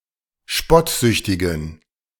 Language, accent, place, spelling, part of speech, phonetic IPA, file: German, Germany, Berlin, spottsüchtigen, adjective, [ˈʃpɔtˌzʏçtɪɡn̩], De-spottsüchtigen.ogg
- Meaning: inflection of spottsüchtig: 1. strong genitive masculine/neuter singular 2. weak/mixed genitive/dative all-gender singular 3. strong/weak/mixed accusative masculine singular 4. strong dative plural